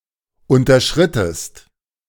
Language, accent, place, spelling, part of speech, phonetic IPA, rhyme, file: German, Germany, Berlin, unterschrittest, verb, [ˌʊntɐˈʃʁɪtəst], -ɪtəst, De-unterschrittest.ogg
- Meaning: inflection of unterschreiten: 1. second-person singular preterite 2. second-person singular subjunctive II